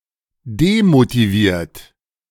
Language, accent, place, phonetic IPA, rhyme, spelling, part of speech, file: German, Germany, Berlin, [demotiˈviːɐ̯t], -iːɐ̯t, demotiviert, adjective / verb, De-demotiviert.ogg
- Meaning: 1. past participle of demotivieren 2. inflection of demotivieren: third-person singular present 3. inflection of demotivieren: second-person plural present